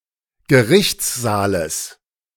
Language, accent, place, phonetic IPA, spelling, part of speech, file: German, Germany, Berlin, [ɡəˈʁɪçt͡sˌzaːləs], Gerichtssaales, noun, De-Gerichtssaales.ogg
- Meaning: genitive of Gerichtssaal